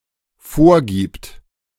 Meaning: third-person singular dependent present of vorgeben
- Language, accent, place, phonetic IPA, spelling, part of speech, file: German, Germany, Berlin, [ˈfoːɐ̯ˌɡiːpt], vorgibt, verb, De-vorgibt.ogg